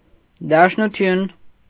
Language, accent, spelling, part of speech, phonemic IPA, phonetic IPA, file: Armenian, Eastern Armenian, դաշնություն, noun, /dɑʃnuˈtʰjun/, [dɑʃnut͡sʰjún], Hy-դաշնություն.ogg
- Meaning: federation